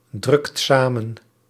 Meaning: inflection of samendrukken: 1. second/third-person singular present indicative 2. plural imperative
- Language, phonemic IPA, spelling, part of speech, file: Dutch, /ˈdrʏkt ˈsamə(n)/, drukt samen, verb, Nl-drukt samen.ogg